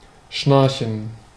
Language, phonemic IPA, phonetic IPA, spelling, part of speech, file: German, /ˈʃnaʁçən/, [ˈʃnaɐ̯çn̩], schnarchen, verb, De-schnarchen.ogg
- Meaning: to snore